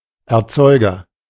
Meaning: 1. producer, manufacturer 2. grower 3. creator
- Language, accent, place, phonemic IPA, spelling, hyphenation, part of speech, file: German, Germany, Berlin, /ɛɐ̯ˈt͡sɔɪ̯ɡɐ/, Erzeuger, Er‧zeu‧ger, noun, De-Erzeuger.ogg